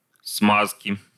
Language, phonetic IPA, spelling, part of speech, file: Russian, [ˈsmaskʲɪ], смазки, noun, Ru-смазки.ogg
- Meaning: inflection of сма́зка (smázka): 1. genitive singular 2. nominative/accusative plural